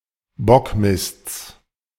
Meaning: genitive singular of Bockmist
- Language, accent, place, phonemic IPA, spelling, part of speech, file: German, Germany, Berlin, /ˈbɔkˌmɪst͡s/, Bockmists, noun, De-Bockmists.ogg